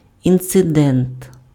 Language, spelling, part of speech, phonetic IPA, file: Ukrainian, інцидент, noun, [int͡seˈdɛnt], Uk-інцидент.ogg
- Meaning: incident (event causing interruption or crisis)